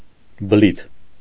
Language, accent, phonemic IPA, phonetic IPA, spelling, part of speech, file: Armenian, Eastern Armenian, /bəˈlitʰ/, [bəlítʰ], բլիթ, noun, Hy-բլիթ.ogg
- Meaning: 1. kind of cake 2. small swelling